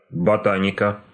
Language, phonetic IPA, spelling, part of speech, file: Russian, [bɐˈtanʲɪkə], ботаника, noun, Ru-ботаника.ogg
- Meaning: 1. botany 2. genitive/accusative singular of бота́ник (botánik)